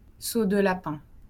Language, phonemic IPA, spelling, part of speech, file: French, /so d(ə) la.pɛ̃/, saut de lapin, noun, LL-Q150 (fra)-saut de lapin.wav
- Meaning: bunny hop